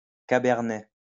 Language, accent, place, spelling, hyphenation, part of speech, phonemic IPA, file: French, France, Lyon, cabernet, ca‧ber‧net, noun, /ka.bɛʁ.nɛ/, LL-Q150 (fra)-cabernet.wav
- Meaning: Cabernet (grape variety)